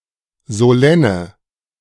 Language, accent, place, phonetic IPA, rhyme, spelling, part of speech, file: German, Germany, Berlin, [zoˈlɛnə], -ɛnə, solenne, adjective, De-solenne.ogg
- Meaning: inflection of solenn: 1. strong/mixed nominative/accusative feminine singular 2. strong nominative/accusative plural 3. weak nominative all-gender singular 4. weak accusative feminine/neuter singular